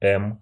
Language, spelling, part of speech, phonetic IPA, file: Russian, эм, noun, [ɛm], Ru-эм.ogg
- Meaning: 1. The Cyrillic letter М, м 2. The Roman letter M, m